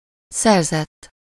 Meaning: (verb) 1. third-person singular indicative past indefinite of szerez 2. past participle of szerez; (adjective) acquired
- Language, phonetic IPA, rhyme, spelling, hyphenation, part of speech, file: Hungarian, [ˈsɛrzɛtː], -ɛtː, szerzett, szer‧zett, verb / adjective, Hu-szerzett.ogg